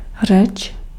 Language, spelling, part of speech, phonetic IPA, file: Czech, řeč, noun, [ˈr̝ɛt͡ʃ], Cs-řeč.ogg
- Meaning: 1. speech (faculty) 2. execution or performance of (1) 3. speech, oration 4. language